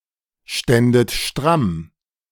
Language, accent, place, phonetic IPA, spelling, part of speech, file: German, Germany, Berlin, [ˌʃtɛndət ˈʃtʁam], ständet stramm, verb, De-ständet stramm.ogg
- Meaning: second-person plural subjunctive II of strammstehen